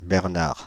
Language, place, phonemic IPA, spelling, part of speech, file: French, Paris, /bɛʁ.naʁ/, Bernard, proper noun, Fr-Bernard.oga
- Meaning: 1. a male given name, equivalent to English Bernard 2. a surname originating as a patronymic